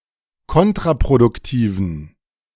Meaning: inflection of kontraproduktiv: 1. strong genitive masculine/neuter singular 2. weak/mixed genitive/dative all-gender singular 3. strong/weak/mixed accusative masculine singular 4. strong dative plural
- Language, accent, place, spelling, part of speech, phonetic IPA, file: German, Germany, Berlin, kontraproduktiven, adjective, [ˈkɔntʁapʁodʊkˌtiːvn̩], De-kontraproduktiven.ogg